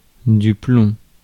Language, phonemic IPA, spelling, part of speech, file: French, /plɔ̃/, plomb, noun, Fr-plomb.ogg
- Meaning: 1. lead (metal) 2. fuse 3. sinker (fishing weight)